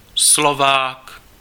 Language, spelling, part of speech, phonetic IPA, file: Czech, Slovák, noun / proper noun, [ˈslovaːk], Cs-Slovák.ogg
- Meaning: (noun) Slovak (person); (proper noun) a male surname